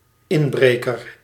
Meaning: burglar
- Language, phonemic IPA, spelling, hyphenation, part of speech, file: Dutch, /ˈɪnˌbreː.kər/, inbreker, in‧bre‧ker, noun, Nl-inbreker.ogg